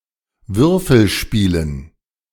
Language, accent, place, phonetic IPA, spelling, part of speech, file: German, Germany, Berlin, [ˈvʏʁfl̩ˌʃpiːlən], Würfelspielen, noun, De-Würfelspielen.ogg
- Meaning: dative plural of Würfelspiel